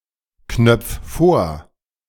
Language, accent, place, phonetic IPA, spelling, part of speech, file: German, Germany, Berlin, [ˌknœp͡f ˈfoːɐ̯], knöpf vor, verb, De-knöpf vor.ogg
- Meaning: 1. singular imperative of vorknöpfen 2. first-person singular present of vorknöpfen